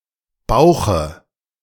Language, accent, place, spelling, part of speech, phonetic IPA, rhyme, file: German, Germany, Berlin, Bauche, noun, [ˈbaʊ̯xə], -aʊ̯xə, De-Bauche.ogg
- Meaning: dative singular of Bauch